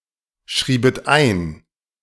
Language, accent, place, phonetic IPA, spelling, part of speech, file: German, Germany, Berlin, [ˌʃʁiːbət ˈaɪ̯n], schriebet ein, verb, De-schriebet ein.ogg
- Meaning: second-person plural subjunctive II of einschreiben